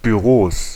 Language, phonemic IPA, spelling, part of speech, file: German, /byˈʁoːs/, Büros, noun, De-Büros.ogg
- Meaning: plural of Büro (“office”)